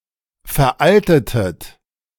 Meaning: inflection of veralten: 1. second-person plural preterite 2. second-person plural subjunctive II
- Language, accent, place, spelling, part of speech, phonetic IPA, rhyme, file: German, Germany, Berlin, veraltetet, verb, [fɛɐ̯ˈʔaltətət], -altətət, De-veraltetet.ogg